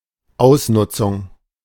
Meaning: 1. utilization 2. exploitation
- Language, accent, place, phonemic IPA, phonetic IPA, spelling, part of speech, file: German, Germany, Berlin, /ˈaʊ̯sˌnʊtsʊŋ/, [ˈʔaʊ̯sˌnʊtsʊŋ], Ausnutzung, noun, De-Ausnutzung.ogg